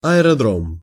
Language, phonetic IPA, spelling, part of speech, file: Russian, [ɐɪrɐˈdrom], аэродром, noun, Ru-аэродром.ogg
- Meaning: airfield, aerodrome, airdrome